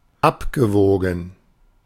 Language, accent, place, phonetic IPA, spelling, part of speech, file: German, Germany, Berlin, [ˈapɡəˌvoːɡn̩], abgewogen, verb, De-abgewogen.ogg
- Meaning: past participle of abwiegen